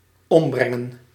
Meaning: to kill
- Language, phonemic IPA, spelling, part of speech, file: Dutch, /ˈɔmbrɛŋə(n)/, ombrengen, verb, Nl-ombrengen.ogg